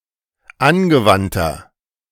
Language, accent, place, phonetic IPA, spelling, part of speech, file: German, Germany, Berlin, [ˈanɡəˌvantɐ], angewandter, adjective, De-angewandter.ogg
- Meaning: inflection of angewandt: 1. strong/mixed nominative masculine singular 2. strong genitive/dative feminine singular 3. strong genitive plural